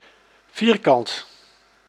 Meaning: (adjective) square; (noun) square (geometric shape); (adverb) 1. completely 2. in one's face
- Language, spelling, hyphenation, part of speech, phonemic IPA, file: Dutch, vierkant, vier‧kant, adjective / noun / adverb, /ˈviːr.kɑnt/, Nl-vierkant.ogg